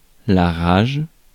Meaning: 1. rage (fury, anger) 2. rabies (disease)
- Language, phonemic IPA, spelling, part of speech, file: French, /ʁaʒ/, rage, noun, Fr-rage.ogg